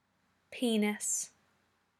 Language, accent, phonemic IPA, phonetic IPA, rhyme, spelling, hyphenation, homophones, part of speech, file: English, UK, /ˈpiː.nɪs/, [ˈpʰiː.nɪs], -iːnɪs, penis, pe‧nis, peaness, noun, En-uk-penis.ogg